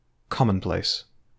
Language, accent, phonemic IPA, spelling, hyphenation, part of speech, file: English, UK, /ˈkɒmənˌpleɪs/, commonplace, com‧mon‧place, adjective / noun / verb, En-GB-commonplace.ogg
- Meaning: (adjective) Ordinary; not having any remarkable characteristics; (noun) 1. A platitude or cliché 2. Something that is ordinary; something commonly done or occurring